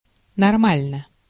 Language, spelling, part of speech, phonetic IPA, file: Russian, нормально, adverb / adjective, [nɐrˈmalʲnə], Ru-нормально.ogg
- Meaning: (adverb) 1. normally 2. OK, it’s all right; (adjective) short neuter singular of норма́льный (normálʹnyj)